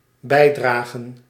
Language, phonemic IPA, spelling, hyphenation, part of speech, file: Dutch, /ˈbɛi̯draːɣə(n)/, bijdragen, bij‧dra‧gen, verb / noun, Nl-bijdragen.ogg
- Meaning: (verb) to contribute; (noun) plural of bijdrage